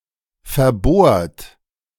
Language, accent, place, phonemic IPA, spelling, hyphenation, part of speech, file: German, Germany, Berlin, /fɛɐ̯ˈboːɐ̯t/, verbohrt, ver‧bohrt, verb / adjective, De-verbohrt.ogg
- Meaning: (verb) past participle of verbohren; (adjective) stubborn, bullheaded